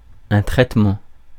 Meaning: 1. treatment 2. processing
- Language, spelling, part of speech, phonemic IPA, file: French, traitement, noun, /tʁɛt.mɑ̃/, Fr-traitement.ogg